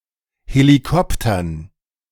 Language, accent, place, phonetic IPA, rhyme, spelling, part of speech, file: German, Germany, Berlin, [heliˈkɔptɐn], -ɔptɐn, Helikoptern, noun, De-Helikoptern.ogg
- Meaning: dative plural of Helikopter